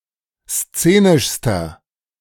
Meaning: inflection of szenisch: 1. strong/mixed nominative masculine singular superlative degree 2. strong genitive/dative feminine singular superlative degree 3. strong genitive plural superlative degree
- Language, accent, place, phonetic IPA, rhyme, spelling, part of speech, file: German, Germany, Berlin, [ˈst͡seːnɪʃstɐ], -eːnɪʃstɐ, szenischster, adjective, De-szenischster.ogg